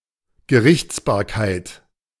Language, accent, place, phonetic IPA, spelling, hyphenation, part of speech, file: German, Germany, Berlin, [ɡəˈʀɪçt͡sbaːɐ̯kaɪ̯t], Gerichtsbarkeit, Ge‧richts‧bar‧keit, noun, De-Gerichtsbarkeit.ogg
- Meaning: 1. jurisdiction 2. judicial role